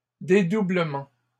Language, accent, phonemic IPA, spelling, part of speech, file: French, Canada, /de.du.blə.mɑ̃/, dédoublements, noun, LL-Q150 (fra)-dédoublements.wav
- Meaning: plural of dédoublement